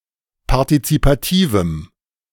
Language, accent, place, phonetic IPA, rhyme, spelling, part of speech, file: German, Germany, Berlin, [paʁtit͡sipaˈtiːvm̩], -iːvm̩, partizipativem, adjective, De-partizipativem.ogg
- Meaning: strong dative masculine/neuter singular of partizipativ